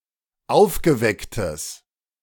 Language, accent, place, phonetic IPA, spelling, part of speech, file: German, Germany, Berlin, [ˈaʊ̯fɡəˌvɛktəs], aufgewecktes, adjective, De-aufgewecktes.ogg
- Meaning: strong/mixed nominative/accusative neuter singular of aufgeweckt